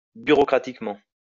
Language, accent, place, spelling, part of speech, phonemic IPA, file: French, France, Lyon, bureaucratiquement, adverb, /by.ʁo.kʁa.tik.mɑ̃/, LL-Q150 (fra)-bureaucratiquement.wav
- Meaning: bureaucratically